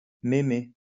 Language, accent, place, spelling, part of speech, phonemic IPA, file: French, France, Lyon, mémé, noun, /me.me/, LL-Q150 (fra)-mémé.wav
- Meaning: 1. grandma, granny, nana 2. an old woman, old lady